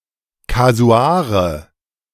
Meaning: nominative/accusative/genitive plural of Kasuar
- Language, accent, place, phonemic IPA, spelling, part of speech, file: German, Germany, Berlin, /kaˈzu̯aːʁə/, Kasuare, noun, De-Kasuare.ogg